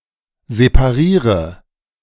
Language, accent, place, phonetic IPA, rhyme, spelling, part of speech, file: German, Germany, Berlin, [zepaˈʁiːʁə], -iːʁə, separiere, verb, De-separiere.ogg
- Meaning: inflection of separieren: 1. first-person singular present 2. first/third-person singular subjunctive I 3. singular imperative